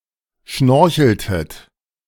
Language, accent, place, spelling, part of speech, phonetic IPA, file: German, Germany, Berlin, schnorcheltet, verb, [ˈʃnɔʁçl̩tət], De-schnorcheltet.ogg
- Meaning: inflection of schnorcheln: 1. second-person plural preterite 2. second-person plural subjunctive II